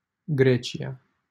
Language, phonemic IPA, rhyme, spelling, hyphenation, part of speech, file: Romanian, /ˈɡre.t͡ʃi.a/, -et͡ʃia, Grecia, Gre‧ci‧a, proper noun, LL-Q7913 (ron)-Grecia.wav
- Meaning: Greece (a country in Southeastern Europe)